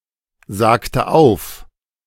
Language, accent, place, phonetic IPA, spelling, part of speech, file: German, Germany, Berlin, [ˌzaːktə ˈaʊ̯f], sagte auf, verb, De-sagte auf.ogg
- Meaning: inflection of aufsagen: 1. first/third-person singular preterite 2. first/third-person singular subjunctive II